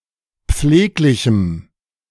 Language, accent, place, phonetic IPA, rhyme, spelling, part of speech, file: German, Germany, Berlin, [ˈp͡fleːklɪçm̩], -eːklɪçm̩, pfleglichem, adjective, De-pfleglichem.ogg
- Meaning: strong dative masculine/neuter singular of pfleglich